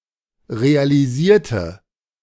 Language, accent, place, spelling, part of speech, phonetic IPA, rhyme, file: German, Germany, Berlin, realisierte, adjective / verb, [ʁealiˈziːɐ̯tə], -iːɐ̯tə, De-realisierte.ogg
- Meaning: inflection of realisieren: 1. first/third-person singular preterite 2. first/third-person singular subjunctive II